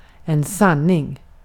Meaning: truth
- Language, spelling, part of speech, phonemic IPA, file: Swedish, sanning, noun, /²sanˌnɪŋ/, Sv-sanning.ogg